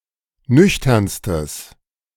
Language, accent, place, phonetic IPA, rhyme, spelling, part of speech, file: German, Germany, Berlin, [ˈnʏçtɐnstəs], -ʏçtɐnstəs, nüchternstes, adjective, De-nüchternstes.ogg
- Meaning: strong/mixed nominative/accusative neuter singular superlative degree of nüchtern